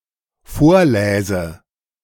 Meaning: first/third-person singular dependent subjunctive II of vorlesen
- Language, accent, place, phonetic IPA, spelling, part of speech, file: German, Germany, Berlin, [ˈfoːɐ̯ˌlɛːzə], vorläse, verb, De-vorläse.ogg